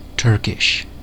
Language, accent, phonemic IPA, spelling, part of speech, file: English, US, /ˈtɝ.kɪʃ/, Turkish, proper noun / adjective, En-us-Turkish.ogg
- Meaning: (proper noun) 1. The official language of Turkey, Republic of Cyprus (alongside Greek) and Turkish Republic of Northern Cyprus 2. Synonym of Turkic